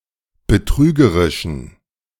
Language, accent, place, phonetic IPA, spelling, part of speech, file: German, Germany, Berlin, [bəˈtʁyːɡəʁɪʃn̩], betrügerischen, adjective, De-betrügerischen.ogg
- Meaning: inflection of betrügerisch: 1. strong genitive masculine/neuter singular 2. weak/mixed genitive/dative all-gender singular 3. strong/weak/mixed accusative masculine singular 4. strong dative plural